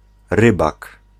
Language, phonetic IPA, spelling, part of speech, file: Polish, [ˈrɨbak], rybak, noun, Pl-rybak.ogg